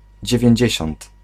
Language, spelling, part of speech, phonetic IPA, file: Polish, dziewięćdziesiąt, adjective, [ˌd͡ʑɛvʲjɛ̇̃ɲˈd͡ʑɛ̇ɕɔ̃nt], Pl-dziewięćdziesiąt.ogg